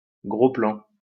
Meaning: close-up
- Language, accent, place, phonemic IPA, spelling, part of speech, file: French, France, Lyon, /ɡʁo plɑ̃/, gros plan, noun, LL-Q150 (fra)-gros plan.wav